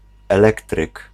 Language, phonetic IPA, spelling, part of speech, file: Polish, [ɛˈlɛktrɨk], elektryk, noun, Pl-elektryk.ogg